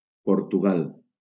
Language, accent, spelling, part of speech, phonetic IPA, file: Catalan, Valencia, Portugal, proper noun, [poɾ.tuˈɣal], LL-Q7026 (cat)-Portugal.wav
- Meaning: Portugal (a country in Southern Europe, on the Iberian Peninsula)